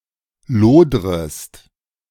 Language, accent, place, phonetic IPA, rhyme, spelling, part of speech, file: German, Germany, Berlin, [ˈloːdʁəst], -oːdʁəst, lodrest, verb, De-lodrest.ogg
- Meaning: second-person singular subjunctive I of lodern